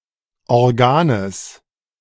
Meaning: genitive of Organ
- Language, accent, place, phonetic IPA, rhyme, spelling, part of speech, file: German, Germany, Berlin, [ɔʁˈɡaːnəs], -aːnəs, Organes, noun, De-Organes.ogg